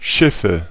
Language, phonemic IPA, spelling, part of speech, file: German, /ˈʃɪfə/, Schiffe, noun, De-Schiffe.ogg
- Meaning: 1. nominative/accusative/genitive plural of Schiff "ships" 2. dative singular of Schiff